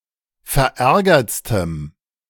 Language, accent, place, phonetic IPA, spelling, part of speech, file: German, Germany, Berlin, [fɛɐ̯ˈʔɛʁɡɐt͡stəm], verärgertstem, adjective, De-verärgertstem.ogg
- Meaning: strong dative masculine/neuter singular superlative degree of verärgert